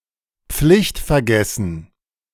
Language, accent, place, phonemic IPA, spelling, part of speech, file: German, Germany, Berlin, /ˈpflɪçtfɛɐ̯ˌɡɛsn̩/, pflichtvergessen, adjective, De-pflichtvergessen.ogg
- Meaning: neglectful, negligent, irresponsible